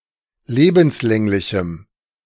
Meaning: strong dative masculine/neuter singular of lebenslänglich
- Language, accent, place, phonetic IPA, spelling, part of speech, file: German, Germany, Berlin, [ˈleːbm̩sˌlɛŋlɪçm̩], lebenslänglichem, adjective, De-lebenslänglichem.ogg